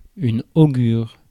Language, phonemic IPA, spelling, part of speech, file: French, /o.ɡyʁ/, augure, noun, Fr-augure.ogg
- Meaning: augury